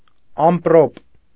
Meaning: thunderstorm
- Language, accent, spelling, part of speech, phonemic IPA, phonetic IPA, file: Armenian, Eastern Armenian, ամպրոպ, noun, /ɑmpˈɾop/, [ɑmpɾóp], Hy-ամպրոպ.ogg